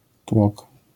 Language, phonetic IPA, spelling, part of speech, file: Polish, [twɔk], tłok, noun, LL-Q809 (pol)-tłok.wav